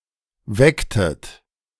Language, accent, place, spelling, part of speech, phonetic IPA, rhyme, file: German, Germany, Berlin, wecktet, verb, [ˈvɛktət], -ɛktət, De-wecktet.ogg
- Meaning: inflection of wecken: 1. second-person plural preterite 2. second-person plural subjunctive II